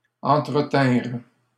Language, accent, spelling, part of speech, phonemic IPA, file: French, Canada, entretinrent, verb, /ɑ̃.tʁə.tɛ̃ʁ/, LL-Q150 (fra)-entretinrent.wav
- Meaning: third-person plural past historic of entretenir